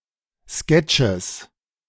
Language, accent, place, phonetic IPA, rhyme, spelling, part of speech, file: German, Germany, Berlin, [ˈskɛt͡ʃəs], -ɛt͡ʃəs, Sketches, noun, De-Sketches.ogg
- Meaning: genitive singular of Sketch